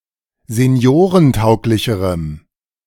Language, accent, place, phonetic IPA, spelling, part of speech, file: German, Germany, Berlin, [zeˈni̯oːʁənˌtaʊ̯klɪçəʁəm], seniorentauglicherem, adjective, De-seniorentauglicherem.ogg
- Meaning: strong dative masculine/neuter singular comparative degree of seniorentauglich